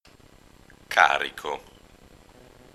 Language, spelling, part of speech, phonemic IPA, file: Italian, carico, adjective / noun / verb, /ˈkariko/, It-Carico.ogg